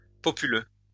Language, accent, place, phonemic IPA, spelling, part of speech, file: French, France, Lyon, /pɔ.py.lø/, populeux, adjective, LL-Q150 (fra)-populeux.wav
- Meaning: populous (densely populated)